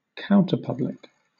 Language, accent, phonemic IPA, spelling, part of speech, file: English, Southern England, /ˈkaʊntəˌpʌblɪk/, counterpublic, noun, LL-Q1860 (eng)-counterpublic.wav
- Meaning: A group that stands in opposion to the dominant public